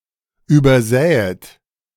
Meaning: second-person plural subjunctive II of übersehen
- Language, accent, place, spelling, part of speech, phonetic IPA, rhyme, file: German, Germany, Berlin, übersähet, verb, [ˌyːbɐˈzɛːət], -ɛːət, De-übersähet.ogg